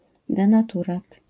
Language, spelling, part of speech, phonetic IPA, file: Polish, denaturat, noun, [ˌdɛ̃naˈturat], LL-Q809 (pol)-denaturat.wav